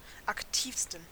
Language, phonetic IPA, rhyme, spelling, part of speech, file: German, [akˈtiːfstn̩], -iːfstn̩, aktivsten, adjective, De-aktivsten.ogg
- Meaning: 1. superlative degree of aktiv 2. inflection of aktiv: strong genitive masculine/neuter singular superlative degree